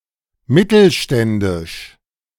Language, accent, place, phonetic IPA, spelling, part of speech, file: German, Germany, Berlin, [ˈmɪtl̩ˌʃtɛndɪʃ], mittelständisch, adjective, De-mittelständisch.ogg
- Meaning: 1. middle-class 2. medium-sized